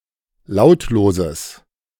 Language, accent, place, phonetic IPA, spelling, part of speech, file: German, Germany, Berlin, [ˈlaʊ̯tloːzəs], lautloses, adjective, De-lautloses.ogg
- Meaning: strong/mixed nominative/accusative neuter singular of lautlos